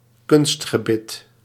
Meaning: false teeth, a set of dentures
- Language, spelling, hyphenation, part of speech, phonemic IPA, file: Dutch, kunstgebit, kunst‧ge‧bit, noun, /ˈkʏnst.xəˌbɪt/, Nl-kunstgebit.ogg